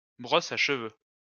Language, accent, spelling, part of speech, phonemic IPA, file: French, France, brosse à cheveux, noun, /bʁɔs a ʃ(ə).vø/, LL-Q150 (fra)-brosse à cheveux.wav
- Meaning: hairbrush